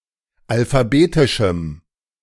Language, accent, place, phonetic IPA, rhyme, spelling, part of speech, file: German, Germany, Berlin, [alfaˈbeːtɪʃm̩], -eːtɪʃm̩, alphabetischem, adjective, De-alphabetischem.ogg
- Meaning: strong dative masculine/neuter singular of alphabetisch